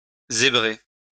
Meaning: to stripe, to stripe like a zebra
- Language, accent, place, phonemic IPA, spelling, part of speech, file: French, France, Lyon, /ze.bʁe/, zébrer, verb, LL-Q150 (fra)-zébrer.wav